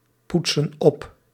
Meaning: inflection of oppoetsen: 1. plural present indicative 2. plural present subjunctive
- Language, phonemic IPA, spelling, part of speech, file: Dutch, /ˈputsə(n) ˈɔp/, poetsen op, verb, Nl-poetsen op.ogg